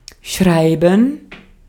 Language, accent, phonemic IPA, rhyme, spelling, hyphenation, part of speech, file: German, Austria, /ˈʃraɪ̯bən/, -aɪ̯bən, schreiben, schrei‧ben, verb, De-at-schreiben.ogg
- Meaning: 1. to write, to write out (use letters to make words and texts) 2. to spell (use a particular combination of letters to make a word) 3. to write (use handwriting)